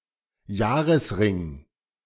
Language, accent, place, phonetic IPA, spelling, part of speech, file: German, Germany, Berlin, [ˈjaːʁəsˌʁɪŋ], Jahresring, noun, De-Jahresring.ogg
- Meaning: growth ring, tree ring, annual ring